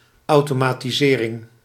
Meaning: automation
- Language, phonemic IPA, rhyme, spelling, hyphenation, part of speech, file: Dutch, /ˌɑu̯.toː.maː.tiˈzeː.rɪŋ/, -eːrɪŋ, automatisering, au‧to‧ma‧ti‧se‧ring, noun, Nl-automatisering.ogg